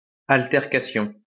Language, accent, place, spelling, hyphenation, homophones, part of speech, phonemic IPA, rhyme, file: French, France, Lyon, altercation, al‧ter‧cat‧ion, altercations, noun, /al.tɛʁ.ka.sjɔ̃/, -ɔ̃, LL-Q150 (fra)-altercation.wav
- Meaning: altercation